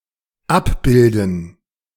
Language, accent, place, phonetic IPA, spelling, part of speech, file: German, Germany, Berlin, [ˈapˌbɪldn̩], Abbilden, noun, De-Abbilden.ogg
- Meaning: gerund of abbilden